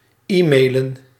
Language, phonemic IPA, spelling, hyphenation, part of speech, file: Dutch, /ˈiːmeːlə(n)/, e-mailen, e-mai‧len, verb, Nl-e-mailen.ogg
- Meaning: to e-mail